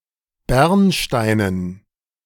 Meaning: amber
- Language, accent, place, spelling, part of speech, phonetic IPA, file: German, Germany, Berlin, bernsteinen, adjective, [ˈbɛʁnˌʃtaɪ̯nən], De-bernsteinen.ogg